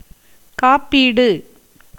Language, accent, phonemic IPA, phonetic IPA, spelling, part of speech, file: Tamil, India, /kɑːpːiːɖɯ/, [käːpːiːɖɯ], காப்பீடு, noun, Ta-காப்பீடு.ogg
- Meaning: 1. insurance (a means of indemnity against a future occurrence of an uncertain event) 2. safeguarding, protecting